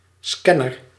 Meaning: scanner (scanning device)
- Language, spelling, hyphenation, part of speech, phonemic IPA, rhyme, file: Dutch, scanner, scan‧ner, noun, /ˈskɛ.nər/, -ɛnər, Nl-scanner.ogg